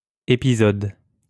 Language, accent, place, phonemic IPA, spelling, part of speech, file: French, France, Lyon, /e.pi.zɔd/, épisode, noun, LL-Q150 (fra)-épisode.wav
- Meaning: episode